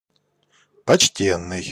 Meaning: 1. respectable, honorable, eminent 2. considerable
- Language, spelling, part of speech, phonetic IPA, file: Russian, почтенный, adjective, [pɐt͡ɕˈtʲenːɨj], Ru-почтенный.ogg